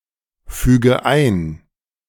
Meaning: inflection of einfügen: 1. first-person singular present 2. first/third-person singular subjunctive I 3. singular imperative
- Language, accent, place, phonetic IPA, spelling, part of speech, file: German, Germany, Berlin, [ˌfyːɡə ˈaɪ̯n], füge ein, verb, De-füge ein.ogg